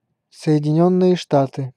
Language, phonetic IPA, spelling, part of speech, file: Russian, [sə(j)ɪdʲɪˈnʲɵnːɨje ˈʂtatɨ], Соединённые Штаты, proper noun, Ru-Соединённые Штаты.ogg
- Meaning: United States (a country in North America)